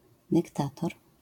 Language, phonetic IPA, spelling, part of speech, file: Polish, [dɨkˈtatɔr], dyktator, noun, LL-Q809 (pol)-dyktator.wav